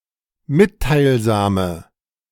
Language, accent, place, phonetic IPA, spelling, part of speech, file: German, Germany, Berlin, [ˈmɪttaɪ̯lˌzaːmə], mitteilsame, adjective, De-mitteilsame.ogg
- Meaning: inflection of mitteilsam: 1. strong/mixed nominative/accusative feminine singular 2. strong nominative/accusative plural 3. weak nominative all-gender singular